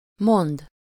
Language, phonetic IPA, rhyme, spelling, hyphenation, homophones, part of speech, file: Hungarian, [ˈmond], -ond, mond, mond, mondd, verb, Hu-mond.ogg
- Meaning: 1. to say, tell (someone: -nak/-nek) 2. to forecast